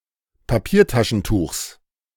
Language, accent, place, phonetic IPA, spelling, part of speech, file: German, Germany, Berlin, [paˈpiːɐ̯taʃn̩ˌtuːxs], Papiertaschentuchs, noun, De-Papiertaschentuchs.ogg
- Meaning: genitive singular of Papiertaschentuch